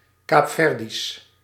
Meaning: Cape Verdean
- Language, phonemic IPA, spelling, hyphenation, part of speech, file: Dutch, /ˌkaːpˈfɛr.dis/, Kaapverdisch, Kaap‧ver‧disch, adjective, Nl-Kaapverdisch.ogg